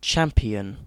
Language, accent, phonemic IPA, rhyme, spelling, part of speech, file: English, UK, /ˈt͡ʃæm.pi.ən/, -æmpiən, champion, noun / adjective / verb, En-uk-champion.ogg
- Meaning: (noun) 1. An ongoing winner in a game or contest 2. Someone who is chosen to represent a group of people in a contest 3. Someone who fights for a cause or status